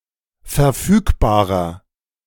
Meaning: inflection of verfügbar: 1. strong/mixed nominative masculine singular 2. strong genitive/dative feminine singular 3. strong genitive plural
- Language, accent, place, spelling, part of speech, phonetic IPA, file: German, Germany, Berlin, verfügbarer, adjective, [fɛɐ̯ˈfyːkbaːʁɐ], De-verfügbarer.ogg